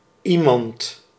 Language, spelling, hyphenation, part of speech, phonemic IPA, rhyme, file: Dutch, iemand, ie‧mand, pronoun, /ˈi.mɑnt/, -imɑnt, Nl-iemand.ogg
- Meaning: 1. someone 2. anyone